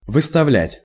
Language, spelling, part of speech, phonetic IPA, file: Russian, выставлять, verb, [vɨstɐˈvlʲætʲ], Ru-выставлять.ogg
- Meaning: 1. to put forward, to move out, to put outside, to bring forward, to place in front 2. to set out, to display, to present 3. to flaunt 4. to propose, to suggest